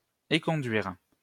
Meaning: 1. to dismiss, to get rid of (someone) 2. to refuse, to reject
- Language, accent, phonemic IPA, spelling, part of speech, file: French, France, /e.kɔ̃.dɥiʁ/, éconduire, verb, LL-Q150 (fra)-éconduire.wav